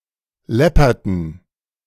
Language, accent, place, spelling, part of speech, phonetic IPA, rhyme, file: German, Germany, Berlin, läpperten, verb, [ˈlɛpɐtn̩], -ɛpɐtn̩, De-läpperten.ogg
- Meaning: inflection of läppern: 1. first/third-person plural preterite 2. first/third-person plural subjunctive II